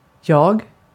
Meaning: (pronoun) I; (noun) I, self, ego
- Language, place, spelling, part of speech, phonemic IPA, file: Swedish, Gotland, jag, pronoun / noun, /jɑː(ɡ)/, Sv-jag.ogg